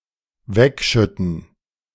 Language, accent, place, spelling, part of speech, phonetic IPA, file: German, Germany, Berlin, wegschütten, verb, [ˈvɛkʃʏtn̩], De-wegschütten.ogg
- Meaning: to pour away